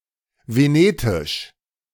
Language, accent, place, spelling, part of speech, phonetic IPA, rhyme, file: German, Germany, Berlin, Venetisch, noun, [veˈneːtɪʃ], -eːtɪʃ, De-Venetisch.ogg
- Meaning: 1. Venetic (extinct language) 2. Venetan (modern language of the region of Venice, Italy)